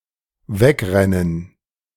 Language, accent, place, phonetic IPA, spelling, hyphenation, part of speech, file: German, Germany, Berlin, [ˈvɛkʁɛnən], wegrennen, weg‧ren‧nen, verb, De-wegrennen.ogg
- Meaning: to bolt, to run, to run away